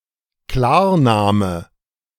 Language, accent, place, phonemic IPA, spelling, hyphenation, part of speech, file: German, Germany, Berlin, /ˈklaːɐ̯ˌnaːmə/, Klarname, Klar‧na‧me, noun, De-Klarname.ogg
- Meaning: real name